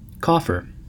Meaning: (noun) 1. A strong chest or box used for keeping money or valuables safe 2. An ornamental sunken panel in a ceiling or dome
- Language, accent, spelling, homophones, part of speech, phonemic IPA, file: English, US, coffer, cougher, noun / verb, /ˈkɔfɚ/, En-us-coffer.ogg